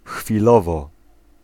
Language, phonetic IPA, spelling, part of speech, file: Polish, [xfʲiˈlɔvɔ], chwilowo, adverb, Pl-chwilowo.ogg